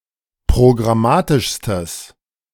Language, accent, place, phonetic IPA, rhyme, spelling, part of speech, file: German, Germany, Berlin, [pʁoɡʁaˈmaːtɪʃstəs], -aːtɪʃstəs, programmatischstes, adjective, De-programmatischstes.ogg
- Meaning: strong/mixed nominative/accusative neuter singular superlative degree of programmatisch